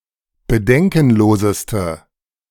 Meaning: inflection of bedenkenlos: 1. strong/mixed nominative/accusative feminine singular superlative degree 2. strong nominative/accusative plural superlative degree
- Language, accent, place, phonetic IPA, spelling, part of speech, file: German, Germany, Berlin, [bəˈdɛŋkn̩ˌloːzəstə], bedenkenloseste, adjective, De-bedenkenloseste.ogg